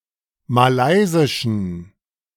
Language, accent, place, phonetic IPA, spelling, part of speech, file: German, Germany, Berlin, [maˈlaɪ̯zɪʃn̩], malaysischen, adjective, De-malaysischen.ogg
- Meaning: inflection of malaysisch: 1. strong genitive masculine/neuter singular 2. weak/mixed genitive/dative all-gender singular 3. strong/weak/mixed accusative masculine singular 4. strong dative plural